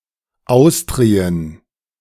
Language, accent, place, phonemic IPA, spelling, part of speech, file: German, Germany, Berlin, /ˈaʊ̯stri̯ən/, Austrien, proper noun, De-Austrien.ogg
- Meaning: Austrasia (an early-medieval geographic region corresponding to the homeland of the Merovingian Franks in modern western Germany, northeastern France, Belgium and parts of the Netherlands)